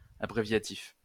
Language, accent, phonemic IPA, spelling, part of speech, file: French, France, /a.bʁe.vja.tif/, abréviatif, adjective, LL-Q150 (fra)-abréviatif.wav
- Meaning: abbreviative (making use of or relating to abbreviation)